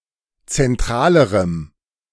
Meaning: strong dative masculine/neuter singular comparative degree of zentral
- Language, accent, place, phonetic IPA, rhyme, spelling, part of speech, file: German, Germany, Berlin, [t͡sɛnˈtʁaːləʁəm], -aːləʁəm, zentralerem, adjective, De-zentralerem.ogg